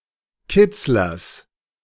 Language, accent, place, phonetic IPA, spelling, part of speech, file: German, Germany, Berlin, [ˈkɪt͡slɐs], Kitzlers, noun, De-Kitzlers.ogg
- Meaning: genitive singular of Kitzler